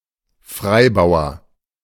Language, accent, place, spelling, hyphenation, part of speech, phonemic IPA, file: German, Germany, Berlin, Freibauer, Frei‧bau‧er, noun, /ˈfʁaɪ̯ˌbaʊ̯ɐ/, De-Freibauer.ogg
- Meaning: 1. farmer who owns their own land 2. passed pawn